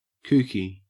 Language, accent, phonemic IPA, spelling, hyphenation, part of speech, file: English, Australia, /ˈkʉːki/, kooky, koo‧ky, adjective / noun, En-au-kooky.ogg
- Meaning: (adjective) 1. Eccentric, strange, or foolish; crazy or insane; kookish 2. Behaving like a kook (a person with poor style or skill); kook-like; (noun) Alternative form of kookie (“kookaburra”)